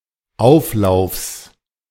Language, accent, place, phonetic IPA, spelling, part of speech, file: German, Germany, Berlin, [ˈaʊ̯fˌlaʊ̯fs], Auflaufs, noun, De-Auflaufs.ogg
- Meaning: genitive singular of Auflauf